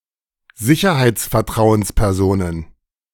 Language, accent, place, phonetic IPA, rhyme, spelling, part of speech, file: German, Germany, Berlin, [ˈzɪçɐhaɪ̯t͡sfɛɐ̯ˈtʁaʊ̯ənspɛʁˌzoːnən], -aʊ̯ənspɛʁzoːnən, Sicherheitsvertrauenspersonen, noun, De-Sicherheitsvertrauenspersonen.ogg
- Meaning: plural of Sicherheitsvertrauensperson